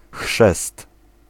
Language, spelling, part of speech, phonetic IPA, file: Polish, chrzest, noun, [xʃɛst], Pl-chrzest.ogg